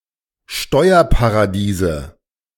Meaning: nominative/accusative/genitive plural of Steuerparadies
- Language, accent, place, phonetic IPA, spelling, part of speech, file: German, Germany, Berlin, [ˈʃtɔɪ̯ɐpaʁaˌdiːzə], Steuerparadiese, noun, De-Steuerparadiese.ogg